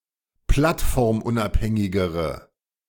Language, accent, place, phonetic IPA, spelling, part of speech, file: German, Germany, Berlin, [ˈplatfɔʁmˌʔʊnʔaphɛŋɪɡəʁə], plattformunabhängigere, adjective, De-plattformunabhängigere.ogg
- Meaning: inflection of plattformunabhängig: 1. strong/mixed nominative/accusative feminine singular comparative degree 2. strong nominative/accusative plural comparative degree